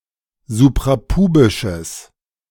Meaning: strong/mixed nominative/accusative neuter singular of suprapubisch
- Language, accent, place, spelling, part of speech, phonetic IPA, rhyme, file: German, Germany, Berlin, suprapubisches, adjective, [zupʁaˈpuːbɪʃəs], -uːbɪʃəs, De-suprapubisches.ogg